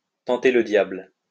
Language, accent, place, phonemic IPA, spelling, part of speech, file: French, France, Lyon, /tɑ̃.te lə djabl/, tenter le diable, verb, LL-Q150 (fra)-tenter le diable.wav
- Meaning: to tempt fate, to court disaster